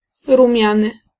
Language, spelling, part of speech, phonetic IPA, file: Polish, rumiany, adjective, [rũˈmʲjãnɨ], Pl-rumiany.ogg